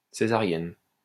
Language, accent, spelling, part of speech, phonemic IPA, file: French, France, césarienne, adjective / noun, /se.za.ʁjɛn/, LL-Q150 (fra)-césarienne.wav
- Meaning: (adjective) feminine singular of césarien; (noun) Caesarean, Caesarean section